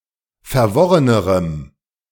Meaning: strong dative masculine/neuter singular comparative degree of verworren
- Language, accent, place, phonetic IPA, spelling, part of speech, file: German, Germany, Berlin, [fɛɐ̯ˈvɔʁənəʁəm], verworrenerem, adjective, De-verworrenerem.ogg